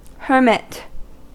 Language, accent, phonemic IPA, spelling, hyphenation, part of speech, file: English, US, /ˈhɝmɪt/, hermit, her‧mit, noun, En-us-hermit.ogg
- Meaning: 1. A religious recluse; someone who lives alone for religious reasons; an eremite 2. A recluse; someone who lives alone and shuns human companionship